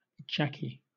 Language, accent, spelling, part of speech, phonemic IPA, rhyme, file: English, Southern England, Jackie, proper noun, /ˈd͡ʒæki/, -æki, LL-Q1860 (eng)-Jackie.wav
- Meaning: 1. A diminutive of the male given name Jack, Jacques (and its cognates) or John 2. A diminutive of the female given name Jacqueline or Jacquelyn